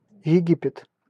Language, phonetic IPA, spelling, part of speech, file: Russian, [(j)ɪˈɡʲipʲɪt], Египет, proper noun, Ru-Египет.ogg
- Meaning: Egypt (a country in North Africa and West Asia)